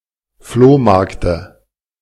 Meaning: dative singular of Flohmarkt
- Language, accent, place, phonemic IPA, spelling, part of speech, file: German, Germany, Berlin, /ˈfloːˌmaʁktə/, Flohmarkte, noun, De-Flohmarkte.ogg